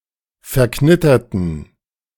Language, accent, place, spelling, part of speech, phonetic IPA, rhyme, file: German, Germany, Berlin, verknitterten, adjective / verb, [fɛɐ̯ˈknɪtɐtn̩], -ɪtɐtn̩, De-verknitterten.ogg
- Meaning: inflection of verknittert: 1. strong genitive masculine/neuter singular 2. weak/mixed genitive/dative all-gender singular 3. strong/weak/mixed accusative masculine singular 4. strong dative plural